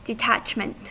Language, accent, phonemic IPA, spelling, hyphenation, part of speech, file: English, US, /dɪˈtæt͡ʃmənt/, detachment, de‧tach‧ment, noun, En-us-detachment.ogg
- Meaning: 1. The action of detaching; separation 2. The state of being detached or disconnected; insulation 3. Indifference to the concerns of others; disregard; nonchalance; aloofness